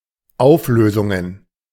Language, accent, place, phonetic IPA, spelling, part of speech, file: German, Germany, Berlin, [ˈaʊ̯fˌløːzʊŋən], Auflösungen, noun, De-Auflösungen.ogg
- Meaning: plural of Auflösung